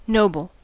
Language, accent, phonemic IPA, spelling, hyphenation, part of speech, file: English, US, /ˈnoʊbəl/, noble, no‧ble, noun / adjective, En-us-noble.ogg
- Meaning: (noun) 1. An aristocrat; one of aristocratic blood 2. A medieval gold coin of England in the 14th and 15th centuries, usually valued at 6s 8d